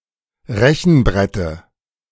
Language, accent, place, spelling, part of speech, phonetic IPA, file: German, Germany, Berlin, Rechenbrette, noun, [ˈʁɛçn̩ˌbʁɛtə], De-Rechenbrette.ogg
- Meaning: dative of Rechenbrett